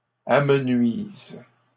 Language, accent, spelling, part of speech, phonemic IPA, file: French, Canada, amenuises, verb, /a.mə.nɥiz/, LL-Q150 (fra)-amenuises.wav
- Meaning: second-person singular present indicative/subjunctive of amenuiser